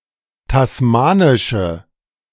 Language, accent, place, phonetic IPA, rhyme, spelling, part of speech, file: German, Germany, Berlin, [tasˈmaːnɪʃə], -aːnɪʃə, tasmanische, adjective, De-tasmanische.ogg
- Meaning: inflection of tasmanisch: 1. strong/mixed nominative/accusative feminine singular 2. strong nominative/accusative plural 3. weak nominative all-gender singular